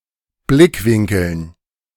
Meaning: dative plural of Blickwinkel
- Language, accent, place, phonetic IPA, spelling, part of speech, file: German, Germany, Berlin, [ˈblɪkˌvɪŋkl̩n], Blickwinkeln, noun, De-Blickwinkeln.ogg